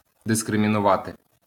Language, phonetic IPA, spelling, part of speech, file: Ukrainian, [deskremʲinʊˈʋate], дискримінувати, verb, LL-Q8798 (ukr)-дискримінувати.wav
- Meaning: to discriminate